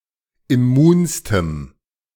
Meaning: strong dative masculine/neuter singular superlative degree of immun
- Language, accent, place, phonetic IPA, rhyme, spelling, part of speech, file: German, Germany, Berlin, [ɪˈmuːnstəm], -uːnstəm, immunstem, adjective, De-immunstem.ogg